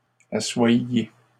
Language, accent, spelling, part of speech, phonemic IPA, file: French, Canada, assoyiez, verb, /a.swaj.je/, LL-Q150 (fra)-assoyiez.wav
- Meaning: inflection of asseoir: 1. second-person plural imperfect indicative 2. second-person plural present subjunctive